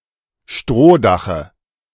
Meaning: dative of Strohdach
- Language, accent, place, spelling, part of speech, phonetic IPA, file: German, Germany, Berlin, Strohdache, noun, [ˈʃtʁoːˌdaxə], De-Strohdache.ogg